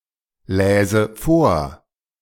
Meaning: first/third-person singular subjunctive II of vorlesen
- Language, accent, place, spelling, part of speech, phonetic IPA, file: German, Germany, Berlin, läse vor, verb, [ˌlɛːzə ˈfoːɐ̯], De-läse vor.ogg